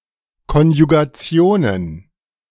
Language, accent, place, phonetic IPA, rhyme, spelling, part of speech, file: German, Germany, Berlin, [ˌkɔnjuɡaˈt͡si̯oːnən], -oːnən, Konjugationen, noun, De-Konjugationen.ogg
- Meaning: plural of Konjugation